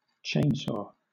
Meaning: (noun) A power saw that has a power-driven and fast-revolving chain of metal teeth, usually used to cut trees; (verb) 1. To cut with a chainsaw 2. To make quick and substantial spending cuts
- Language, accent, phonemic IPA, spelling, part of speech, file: English, Southern England, /ˈt͡ʃeɪnˌsɔː/, chainsaw, noun / verb, LL-Q1860 (eng)-chainsaw.wav